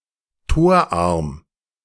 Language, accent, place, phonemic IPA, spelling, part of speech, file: German, Germany, Berlin, /ˈtoːɐ̯ˌʔaʁm/, torarm, adjective, De-torarm.ogg
- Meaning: goalless